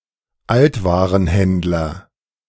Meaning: junk dealer, junkman
- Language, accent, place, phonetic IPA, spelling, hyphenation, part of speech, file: German, Germany, Berlin, [ˈaltvaːʁənˌhɛndlɐ], Altwarenhändler, Alt‧wa‧ren‧händ‧ler, noun, De-Altwarenhändler.ogg